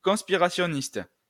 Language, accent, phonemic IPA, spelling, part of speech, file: French, France, /kɔ̃s.pi.ʁa.sjɔ.nist/, conspirationniste, adjective / noun, LL-Q150 (fra)-conspirationniste.wav
- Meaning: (adjective) conspiratory, conspiracy; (noun) conspiracy theorist